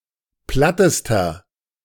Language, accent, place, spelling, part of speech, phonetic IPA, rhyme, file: German, Germany, Berlin, plattester, adjective, [ˈplatəstɐ], -atəstɐ, De-plattester.ogg
- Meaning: inflection of platt: 1. strong/mixed nominative masculine singular superlative degree 2. strong genitive/dative feminine singular superlative degree 3. strong genitive plural superlative degree